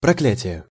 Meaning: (noun) 1. damnation, condemnation, excommunication 2. anathema 3. curse, imprecation, malediction 4. extreme and imminent misfortune; continuous state of trouble
- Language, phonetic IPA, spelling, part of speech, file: Russian, [prɐˈklʲætʲɪje], проклятие, noun / interjection, Ru-проклятие.ogg